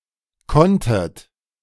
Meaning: second-person plural preterite of können
- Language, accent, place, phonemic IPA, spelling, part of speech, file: German, Germany, Berlin, /ˈkɔntət/, konntet, verb, De-konntet.ogg